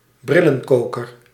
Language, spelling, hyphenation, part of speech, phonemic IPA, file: Dutch, brillenkoker, bril‧len‧ko‧ker, noun, /ˈbri.lə(n)ˌkoː.kər/, Nl-brillenkoker.ogg
- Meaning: spectacle case